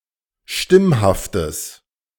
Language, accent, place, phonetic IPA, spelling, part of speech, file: German, Germany, Berlin, [ˈʃtɪmhaftəs], stimmhaftes, adjective, De-stimmhaftes.ogg
- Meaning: strong/mixed nominative/accusative neuter singular of stimmhaft